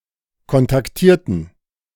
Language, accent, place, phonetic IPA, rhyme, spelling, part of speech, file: German, Germany, Berlin, [kɔntakˈtiːɐ̯tn̩], -iːɐ̯tn̩, kontaktierten, adjective / verb, De-kontaktierten.ogg
- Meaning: inflection of kontaktieren: 1. first/third-person plural preterite 2. first/third-person plural subjunctive II